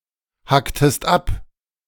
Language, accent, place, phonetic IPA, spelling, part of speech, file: German, Germany, Berlin, [ˌhaktəst ˈap], hacktest ab, verb, De-hacktest ab.ogg
- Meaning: inflection of abhacken: 1. second-person singular preterite 2. second-person singular subjunctive II